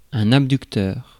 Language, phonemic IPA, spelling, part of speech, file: French, /ab.dyk.tœʁ/, abducteur, noun / adjective, Fr-abducteur.ogg
- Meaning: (noun) abductor (muscle); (adjective) of the abductor muscles and their movement; abductive